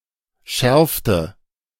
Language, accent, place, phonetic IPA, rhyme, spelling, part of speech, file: German, Germany, Berlin, [ˈʃɛʁftə], -ɛʁftə, schärfte, verb, De-schärfte.ogg
- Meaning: inflection of schärfen: 1. first/third-person singular preterite 2. first/third-person singular subjunctive II